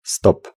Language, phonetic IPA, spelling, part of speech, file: Polish, [stɔp], stop, noun / interjection / verb, Pl-stop.ogg